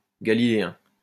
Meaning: Galilean
- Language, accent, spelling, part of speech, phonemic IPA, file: French, France, galiléen, adjective, /ɡa.li.le.ɛ̃/, LL-Q150 (fra)-galiléen.wav